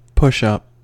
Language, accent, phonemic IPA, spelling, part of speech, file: English, US, /ˈpʊʃˌʌp/, push-up, adjective / noun / verb, En-us-push-up.ogg
- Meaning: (adjective) 1. Supporting the breasts to increase their apparent size 2. Designed to be worn rolled up